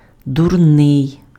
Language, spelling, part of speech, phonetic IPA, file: Ukrainian, дурний, adjective, [dʊrˈnɪi̯], Uk-дурний.ogg
- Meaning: stupid